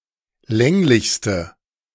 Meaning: inflection of länglich: 1. strong/mixed nominative/accusative feminine singular superlative degree 2. strong nominative/accusative plural superlative degree
- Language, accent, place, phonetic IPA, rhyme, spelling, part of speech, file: German, Germany, Berlin, [ˈlɛŋlɪçstə], -ɛŋlɪçstə, länglichste, adjective, De-länglichste.ogg